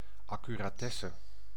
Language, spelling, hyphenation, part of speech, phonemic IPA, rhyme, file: Dutch, accuratesse, ac‧cu‧ra‧tes‧se, noun, /ˌɑ.ky.raːˈtɛ.sə/, -ɛsə, Nl-accuratesse.ogg
- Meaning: accuracy